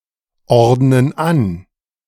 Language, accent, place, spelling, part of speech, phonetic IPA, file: German, Germany, Berlin, ordnen an, verb, [ˌɔʁdnən ˈan], De-ordnen an.ogg
- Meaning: inflection of anordnen: 1. first/third-person plural present 2. first/third-person plural subjunctive I